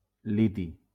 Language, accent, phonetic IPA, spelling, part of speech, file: Catalan, Valencia, [ˈli.ti], liti, noun, LL-Q7026 (cat)-liti.wav
- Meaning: lithium